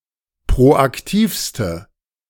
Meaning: inflection of proaktiv: 1. strong/mixed nominative/accusative feminine singular superlative degree 2. strong nominative/accusative plural superlative degree
- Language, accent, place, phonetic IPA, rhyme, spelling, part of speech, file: German, Germany, Berlin, [pʁoʔakˈtiːfstə], -iːfstə, proaktivste, adjective, De-proaktivste.ogg